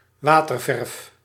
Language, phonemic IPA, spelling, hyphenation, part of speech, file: Dutch, /ˈʋaː.tərˌvɛrf/, waterverf, wa‧ter‧verf, noun, Nl-waterverf.ogg
- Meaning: watercolour/watercolor, water-based pigment